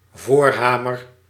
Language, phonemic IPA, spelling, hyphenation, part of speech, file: Dutch, /ˈvoːrˌɦaː.mər/, voorhamer, voor‧ha‧mer, noun, Nl-voorhamer.ogg
- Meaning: sledgehammer, forehammer